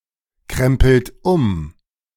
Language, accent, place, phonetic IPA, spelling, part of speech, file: German, Germany, Berlin, [ˌkʁɛmpl̩t ˈʊm], krempelt um, verb, De-krempelt um.ogg
- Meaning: inflection of umkrempeln: 1. third-person singular present 2. second-person plural present 3. plural imperative